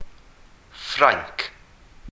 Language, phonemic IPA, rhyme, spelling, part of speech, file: Welsh, /ˈfrai̯ŋk/, -ai̯ŋk, Ffrainc, proper noun, Cy-Ffrainc.ogg
- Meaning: France (a country located primarily in Western Europe)